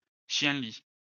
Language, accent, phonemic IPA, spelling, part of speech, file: French, France, /ʃjɑ̃.li/, chienlit, noun, LL-Q150 (fra)-chienlit.wav
- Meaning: 1. repugnant person 2. someone in a carnival mask 3. masquerade, carnival 4. havoc, chaos